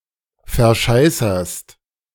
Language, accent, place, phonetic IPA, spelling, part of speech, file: German, Germany, Berlin, [fɛɐ̯ˈʃaɪ̯sɐst], verscheißerst, verb, De-verscheißerst.ogg
- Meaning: second-person singular present of verscheißern